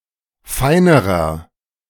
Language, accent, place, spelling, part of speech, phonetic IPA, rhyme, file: German, Germany, Berlin, feinerer, adjective, [ˈfaɪ̯nəʁɐ], -aɪ̯nəʁɐ, De-feinerer.ogg
- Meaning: inflection of fein: 1. strong/mixed nominative masculine singular comparative degree 2. strong genitive/dative feminine singular comparative degree 3. strong genitive plural comparative degree